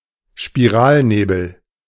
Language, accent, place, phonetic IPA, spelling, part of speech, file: German, Germany, Berlin, [ʃpiˈʁaːlˌneːbl̩], Spiralnebel, noun, De-Spiralnebel.ogg
- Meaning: spiral nebula, a spiral-shaped galaxy